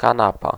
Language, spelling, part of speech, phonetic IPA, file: Polish, kanapa, noun, [kãˈnapa], Pl-kanapa.ogg